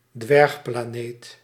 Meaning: dwarf planet
- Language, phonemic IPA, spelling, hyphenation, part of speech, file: Dutch, /ˈdʋɛrx.plaːˌneːt/, dwergplaneet, dwerg‧pla‧neet, noun, Nl-dwergplaneet.ogg